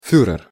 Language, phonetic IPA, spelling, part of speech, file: Russian, [ˈfʲurɨr], фюрер, noun, Ru-фюрер.ogg
- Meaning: Führer